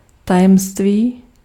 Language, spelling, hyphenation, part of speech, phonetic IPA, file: Czech, tajemství, ta‧jem‧ství, noun, [ˈtajɛmstviː], Cs-tajemství.ogg
- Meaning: secret